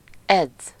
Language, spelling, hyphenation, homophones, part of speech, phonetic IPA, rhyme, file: Hungarian, edz, edz, eddz, verb, [ˈɛd͡zː], -ɛd͡zː, Hu-edz.ogg
- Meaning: 1. to train somebody (to actively help someone else train) 2. to train, practice (to do something only with the purpose of getting better in something later, to get fitter)